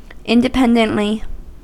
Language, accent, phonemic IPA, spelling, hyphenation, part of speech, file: English, US, /ˌɪndɪˈpɛndəntli/, independently, in‧de‧pend‧ent‧ly, adverb, En-us-independently.ogg
- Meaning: In an independent manner